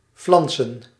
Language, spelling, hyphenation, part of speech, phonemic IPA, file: Dutch, flansen, flan‧sen, verb, /ˈflɑn.sə(n)/, Nl-flansen.ogg
- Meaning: to put together or to fix in an inferior or haphazard fashion